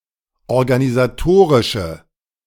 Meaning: inflection of organisatorisch: 1. strong/mixed nominative/accusative feminine singular 2. strong nominative/accusative plural 3. weak nominative all-gender singular
- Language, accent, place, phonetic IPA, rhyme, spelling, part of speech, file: German, Germany, Berlin, [ɔʁɡanizaˈtoːʁɪʃə], -oːʁɪʃə, organisatorische, adjective, De-organisatorische.ogg